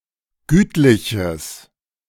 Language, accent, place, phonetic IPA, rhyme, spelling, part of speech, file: German, Germany, Berlin, [ˈɡyːtlɪçəs], -yːtlɪçəs, gütliches, adjective, De-gütliches.ogg
- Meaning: strong/mixed nominative/accusative neuter singular of gütlich